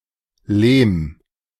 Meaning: 1. loam 2. clay
- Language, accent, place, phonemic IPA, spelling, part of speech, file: German, Germany, Berlin, /leːm/, Lehm, noun, De-Lehm.ogg